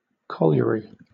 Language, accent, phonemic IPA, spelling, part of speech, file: English, Southern England, /ˈkɒl.jə.ɹi/, colliery, noun, LL-Q1860 (eng)-colliery.wav
- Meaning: 1. An underground coal mine, together with its surface buildings 2. A facility that supplies coal